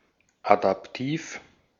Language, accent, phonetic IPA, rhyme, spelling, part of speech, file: German, Austria, [adapˈtiːf], -iːf, adaptiv, adjective, De-at-adaptiv.ogg
- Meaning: adaptive